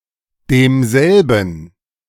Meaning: 1. dative masculine of derselbe 2. dative neuter of derselbe
- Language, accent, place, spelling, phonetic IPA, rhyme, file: German, Germany, Berlin, demselben, [deːmˈzɛlbn̩], -ɛlbn̩, De-demselben.ogg